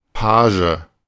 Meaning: page boy, page (male or of unspecified gender)
- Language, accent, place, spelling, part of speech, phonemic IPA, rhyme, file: German, Germany, Berlin, Page, noun, /ˈpaːʒə/, -aːʒə, De-Page.ogg